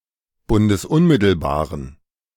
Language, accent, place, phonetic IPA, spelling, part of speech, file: German, Germany, Berlin, [ˌbʊndəsˈʊnmɪtl̩baːʁən], bundesunmittelbaren, adjective, De-bundesunmittelbaren.ogg
- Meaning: inflection of bundesunmittelbar: 1. strong genitive masculine/neuter singular 2. weak/mixed genitive/dative all-gender singular 3. strong/weak/mixed accusative masculine singular